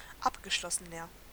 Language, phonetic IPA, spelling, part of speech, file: German, [ˈapɡəˌʃlɔsənɐ], abgeschlossener, adjective, De-abgeschlossener.ogg
- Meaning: inflection of abgeschlossen: 1. strong/mixed nominative masculine singular 2. strong genitive/dative feminine singular 3. strong genitive plural